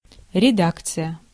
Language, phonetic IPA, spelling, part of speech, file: Russian, [rʲɪˈdakt͡sɨjə], редакция, noun, Ru-редакция.ogg
- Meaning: 1. editorship, redaction 2. editorial staff, editorial board 3. editorial office 4. version, edition